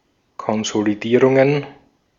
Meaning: plural of Konsolidierung
- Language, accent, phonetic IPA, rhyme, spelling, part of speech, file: German, Austria, [kɔnzoliˈdiːʁʊŋən], -iːʁʊŋən, Konsolidierungen, noun, De-at-Konsolidierungen.ogg